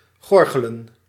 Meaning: to gargle
- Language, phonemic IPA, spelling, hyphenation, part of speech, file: Dutch, /ˈɣɔr.ɣə.lə(n)/, gorgelen, gor‧ge‧len, verb, Nl-gorgelen.ogg